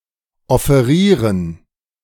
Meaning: to offer
- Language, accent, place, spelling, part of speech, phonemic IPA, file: German, Germany, Berlin, offerieren, verb, /ɔfeˈʁiːʁən/, De-offerieren.ogg